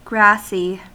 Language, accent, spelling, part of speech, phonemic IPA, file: English, US, grassy, adjective, /ˈɡɹæsi/, En-us-grassy.ogg
- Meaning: 1. Covered with grass 2. Resembling grass